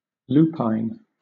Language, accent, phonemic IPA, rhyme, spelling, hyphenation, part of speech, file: English, Southern England, /ˈluː.paɪn/, -uːpaɪn, lupine, lu‧pine, adjective, LL-Q1860 (eng)-lupine.wav
- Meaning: 1. Wolfish (all senses); wolflike 2. Ravenous